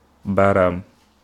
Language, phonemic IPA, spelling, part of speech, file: Wolof, /ˈbaːraːm/, baaraam, noun, Wo-baaraam.ogg
- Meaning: finger